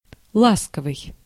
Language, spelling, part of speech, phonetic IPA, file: Russian, ласковый, adjective, [ˈɫaskəvɨj], Ru-ласковый.ogg
- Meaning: 1. affectionate 2. tender, gentle 3. gentle, soft, caressing 4. mild, pleasant